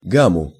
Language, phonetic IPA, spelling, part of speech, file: Russian, [ˈɡamʊ], гаму, noun, Ru-гаму.ogg
- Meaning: dative singular of гам (gam)